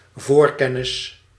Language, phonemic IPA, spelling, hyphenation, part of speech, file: Dutch, /ˈvoːrˌkɛ.nɪs/, voorkennis, voor‧ken‧nis, noun, Nl-voorkennis.ogg
- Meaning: 1. foreknowledge, knowledge beforehand 2. inside information, insider information